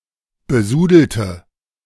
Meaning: inflection of besudeln: 1. first/third-person singular preterite 2. first/third-person singular subjunctive II
- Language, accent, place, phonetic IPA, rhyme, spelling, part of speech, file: German, Germany, Berlin, [bəˈzuːdl̩tə], -uːdl̩tə, besudelte, adjective / verb, De-besudelte.ogg